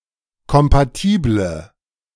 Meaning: inflection of kompatibel: 1. strong/mixed nominative/accusative feminine singular 2. strong nominative/accusative plural 3. weak nominative all-gender singular
- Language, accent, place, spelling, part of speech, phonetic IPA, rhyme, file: German, Germany, Berlin, kompatible, adjective, [kɔmpaˈtiːblə], -iːblə, De-kompatible.ogg